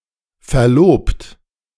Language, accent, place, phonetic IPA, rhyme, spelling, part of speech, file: German, Germany, Berlin, [fɛɐ̯ˈloːpt], -oːpt, verlobt, verb, De-verlobt.ogg
- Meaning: 1. past participle of verloben 2. inflection of verloben: second-person plural present 3. inflection of verloben: third-person singular present 4. inflection of verloben: plural imperative